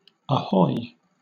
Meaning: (interjection) 1. Used to hail a ship, a boat or a person, or to attract attention 2. Warning of something approaching or impending; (verb) To hail with a cry of "ahoy"
- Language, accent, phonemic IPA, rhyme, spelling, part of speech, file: English, Southern England, /əˈhɔɪ/, -ɔɪ, ahoy, interjection / verb / noun, LL-Q1860 (eng)-ahoy.wav